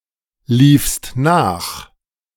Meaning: second-person singular preterite of nachlaufen
- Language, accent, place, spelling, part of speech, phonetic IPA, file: German, Germany, Berlin, liefst nach, verb, [ˌliːfst ˈnaːx], De-liefst nach.ogg